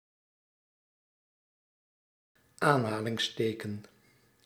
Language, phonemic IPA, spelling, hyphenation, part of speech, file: Dutch, /ˈaːn.ɦaː.lɪŋsˌteː.kə(n)/, aanhalingsteken, aan‧ha‧lings‧te‧ken, noun, Nl-aanhalingsteken.ogg
- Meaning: quotation mark